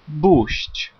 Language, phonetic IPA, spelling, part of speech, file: Polish, [buɕt͡ɕ], bóść, verb, Pl-bóść.ogg